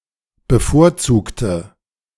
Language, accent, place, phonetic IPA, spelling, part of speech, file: German, Germany, Berlin, [bəˈfoːɐ̯ˌt͡suːktə], bevorzugte, adjective / verb, De-bevorzugte.ogg
- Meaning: inflection of bevorzugen: 1. first/third-person singular preterite 2. first/third-person singular subjunctive II